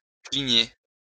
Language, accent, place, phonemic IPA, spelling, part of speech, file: French, France, Lyon, /kli.ɲe/, cligner, verb, LL-Q150 (fra)-cligner.wav
- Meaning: to squint